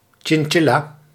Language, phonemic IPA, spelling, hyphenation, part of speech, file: Dutch, /ˌtʃɪnˈtʃɪ.laː/, chinchilla, chin‧chil‧la, noun, Nl-chinchilla.ogg
- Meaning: 1. chinchilla, rodent of the genus Chinchilla 2. lesser chinchilla, long-tailed chinchilla, Chinchilla lanigera 3. chinchilla fur